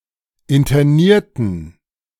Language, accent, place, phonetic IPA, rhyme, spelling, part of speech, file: German, Germany, Berlin, [ɪntɐˈniːɐ̯tn̩], -iːɐ̯tn̩, internierten, adjective / verb, De-internierten.ogg
- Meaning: inflection of internieren: 1. first/third-person plural preterite 2. first/third-person plural subjunctive II